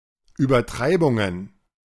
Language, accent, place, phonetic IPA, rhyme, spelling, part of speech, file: German, Germany, Berlin, [yːbɐˈtʁaɪ̯bʊŋən], -aɪ̯bʊŋən, Übertreibungen, noun, De-Übertreibungen.ogg
- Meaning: plural of Übertreibung